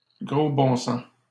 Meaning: horse sense
- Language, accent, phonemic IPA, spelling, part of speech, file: French, Canada, /ɡʁo bɔ̃ sɑ̃s/, gros bon sens, noun, LL-Q150 (fra)-gros bon sens.wav